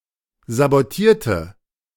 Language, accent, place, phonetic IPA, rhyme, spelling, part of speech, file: German, Germany, Berlin, [zaboˈtiːɐ̯tə], -iːɐ̯tə, sabotierte, adjective / verb, De-sabotierte.ogg
- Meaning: inflection of sabotieren: 1. first/third-person singular preterite 2. first/third-person singular subjunctive II